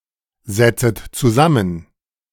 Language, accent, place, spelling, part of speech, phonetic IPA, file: German, Germany, Berlin, setzet zusammen, verb, [ˌzɛt͡sət t͡suˈzamən], De-setzet zusammen.ogg
- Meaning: second-person plural subjunctive I of zusammensetzen